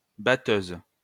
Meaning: 1. threshing machine, thresher 2. female equivalent of batteur: female drummer
- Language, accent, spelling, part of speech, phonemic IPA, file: French, France, batteuse, noun, /ba.tøz/, LL-Q150 (fra)-batteuse.wav